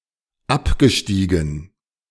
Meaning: past participle of absteigen
- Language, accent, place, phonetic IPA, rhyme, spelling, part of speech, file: German, Germany, Berlin, [ˈapɡəˌʃtiːɡn̩], -apɡəʃtiːɡn̩, abgestiegen, verb, De-abgestiegen.ogg